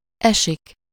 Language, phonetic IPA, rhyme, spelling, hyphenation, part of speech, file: Hungarian, [ˈɛʃik], -ɛʃik, esik, esik, verb, Hu-esik.ogg
- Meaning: 1. to fall 2. to rain, to snow 3. to fall somewhere, to happen to be at some place or time (of an event on some day of the week or month or the stress on a particular syllable)